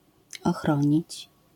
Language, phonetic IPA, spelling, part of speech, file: Polish, [ɔˈxrɔ̃ɲit͡ɕ], ochronić, verb, LL-Q809 (pol)-ochronić.wav